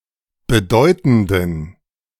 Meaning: inflection of bedeutend: 1. strong genitive masculine/neuter singular 2. weak/mixed genitive/dative all-gender singular 3. strong/weak/mixed accusative masculine singular 4. strong dative plural
- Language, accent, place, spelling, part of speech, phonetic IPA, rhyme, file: German, Germany, Berlin, bedeutenden, adjective, [bəˈdɔɪ̯tn̩dən], -ɔɪ̯tn̩dən, De-bedeutenden.ogg